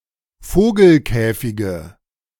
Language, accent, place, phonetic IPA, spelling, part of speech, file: German, Germany, Berlin, [ˈfoːɡl̩ˌkɛːfɪɡə], Vogelkäfige, noun, De-Vogelkäfige.ogg
- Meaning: nominative/accusative/genitive plural of Vogelkäfig